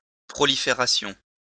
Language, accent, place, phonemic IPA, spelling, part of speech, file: French, France, Lyon, /pʁɔ.li.fe.ʁa.sjɔ̃/, prolifération, noun, LL-Q150 (fra)-prolifération.wav
- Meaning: proliferation, spreading